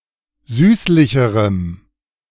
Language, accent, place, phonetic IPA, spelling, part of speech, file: German, Germany, Berlin, [ˈzyːslɪçəʁəm], süßlicherem, adjective, De-süßlicherem.ogg
- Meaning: strong dative masculine/neuter singular comparative degree of süßlich